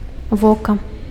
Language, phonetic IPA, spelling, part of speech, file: Belarusian, [ˈvoka], вока, noun, Be-вока.ogg
- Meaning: eye